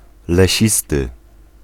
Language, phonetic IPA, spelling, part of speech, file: Polish, [lɛˈɕistɨ], lesisty, adjective, Pl-lesisty.ogg